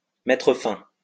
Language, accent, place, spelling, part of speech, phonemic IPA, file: French, France, Lyon, mettre fin, verb, /mɛ.tʁə fɛ̃/, LL-Q150 (fra)-mettre fin.wav
- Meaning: to put an end to; to bring to an end; to call off (to cancel)